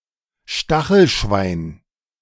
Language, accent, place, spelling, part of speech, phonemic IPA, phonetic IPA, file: German, Germany, Berlin, Stachelschwein, noun, /ˈʃtaxəlˌʃvaɪ̯n/, [ˈʃta.χl̩ˌʃʋaɪ̯n], De-Stachelschwein.ogg
- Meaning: porcupine